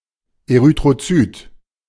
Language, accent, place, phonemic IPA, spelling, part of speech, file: German, Germany, Berlin, /eʁytʁoˈt͡syːt/, Erythrozyt, noun, De-Erythrozyt.ogg
- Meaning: erythrocyte